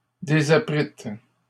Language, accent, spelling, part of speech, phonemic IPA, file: French, Canada, désapprîtes, verb, /de.za.pʁit/, LL-Q150 (fra)-désapprîtes.wav
- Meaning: second-person plural past historic of désapprendre